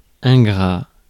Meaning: 1. ungrateful 2. thankless
- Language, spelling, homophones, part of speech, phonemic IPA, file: French, ingrat, ingrats, adjective, /ɛ̃.ɡʁa/, Fr-ingrat.ogg